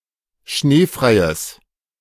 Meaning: strong/mixed nominative/accusative neuter singular of schneefrei
- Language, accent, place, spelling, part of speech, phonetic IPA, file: German, Germany, Berlin, schneefreies, adjective, [ˈʃneːfʁaɪ̯əs], De-schneefreies.ogg